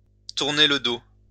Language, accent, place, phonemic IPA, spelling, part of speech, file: French, France, Lyon, /tuʁ.ne l(ə) do/, tourner le dos, verb, LL-Q150 (fra)-tourner le dos.wav
- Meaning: to turn one's back on, to turn away from